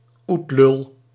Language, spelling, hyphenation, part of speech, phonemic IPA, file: Dutch, oetlul, oet‧lul, noun, /ˈut.lʏl/, Nl-oetlul.ogg
- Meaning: dumbass, tool, nincompoop, dipshit